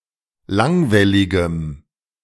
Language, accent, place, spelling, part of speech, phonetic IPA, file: German, Germany, Berlin, langwelligem, adjective, [ˈlaŋvɛlɪɡəm], De-langwelligem.ogg
- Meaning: strong dative masculine/neuter singular of langwellig